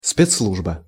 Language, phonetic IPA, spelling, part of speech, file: Russian, [ˌspʲet͡ssˈɫuʐbə], спецслужба, noun, Ru-спецслужба.ogg
- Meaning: special service, secret service